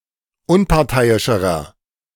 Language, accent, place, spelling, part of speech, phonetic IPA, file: German, Germany, Berlin, unparteiischerer, adjective, [ˈʊnpaʁˌtaɪ̯ɪʃəʁɐ], De-unparteiischerer.ogg
- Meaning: inflection of unparteiisch: 1. strong/mixed nominative masculine singular comparative degree 2. strong genitive/dative feminine singular comparative degree 3. strong genitive plural comparative degree